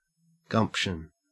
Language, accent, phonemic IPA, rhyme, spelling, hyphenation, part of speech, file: English, Australia, /ˈɡʌmpʃən/, -ʌmpʃən, gumption, gump‧tion, noun, En-au-gumption.ogg
- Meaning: 1. Common sense, initiative, resourcefulness 2. Boldness of enterprise; aggressiveness or initiative 3. Energy of body and mind, enthusiasm